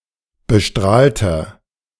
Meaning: inflection of bestrahlt: 1. strong/mixed nominative masculine singular 2. strong genitive/dative feminine singular 3. strong genitive plural
- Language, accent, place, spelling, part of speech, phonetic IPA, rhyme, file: German, Germany, Berlin, bestrahlter, adjective, [bəˈʃtʁaːltɐ], -aːltɐ, De-bestrahlter.ogg